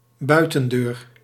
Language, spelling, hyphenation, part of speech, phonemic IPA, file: Dutch, buitendeur, bui‧ten‧deur, noun, /ˈbœy̯.tə(n)ˌdøːr/, Nl-buitendeur.ogg
- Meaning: exterior door